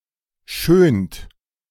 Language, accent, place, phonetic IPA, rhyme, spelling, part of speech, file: German, Germany, Berlin, [ʃøːnt], -øːnt, schönt, verb, De-schönt.ogg
- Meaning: inflection of schönen: 1. third-person singular present 2. second-person plural present 3. plural imperative